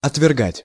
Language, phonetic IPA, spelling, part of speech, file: Russian, [ɐtvʲɪrˈɡatʲ], отвергать, verb, Ru-отвергать.ogg
- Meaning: to reject, to repel, to repudiate, to scout (reject with contempt), to waive, to disallow